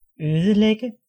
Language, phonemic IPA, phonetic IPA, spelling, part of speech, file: Danish, /øːðəlɛɡə/, [ˈøðð̩ˌlɛɡ̊ə], ødelægge, verb, Da-ødelægge.ogg
- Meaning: 1. to destroy 2. to ruin